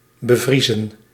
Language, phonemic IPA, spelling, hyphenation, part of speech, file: Dutch, /bəˈvrizə(n)/, bevriezen, be‧vrie‧zen, verb, Nl-bevriezen.ogg
- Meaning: 1. to freeze (solid) 2. to freeze, to be completely still and immobile 3. to stop, to halt